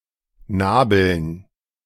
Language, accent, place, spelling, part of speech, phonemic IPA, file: German, Germany, Berlin, Nabeln, noun, /ˈnaːbəln/, De-Nabeln.ogg
- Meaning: dative plural of Nabel